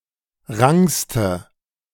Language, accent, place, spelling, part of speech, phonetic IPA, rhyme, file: German, Germany, Berlin, rankste, adjective, [ˈʁaŋkstə], -aŋkstə, De-rankste.ogg
- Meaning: inflection of rank: 1. strong/mixed nominative/accusative feminine singular superlative degree 2. strong nominative/accusative plural superlative degree